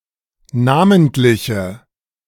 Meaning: inflection of namentlich: 1. strong/mixed nominative/accusative feminine singular 2. strong nominative/accusative plural 3. weak nominative all-gender singular
- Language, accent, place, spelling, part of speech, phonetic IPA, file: German, Germany, Berlin, namentliche, adjective, [ˈnaːməntlɪçə], De-namentliche.ogg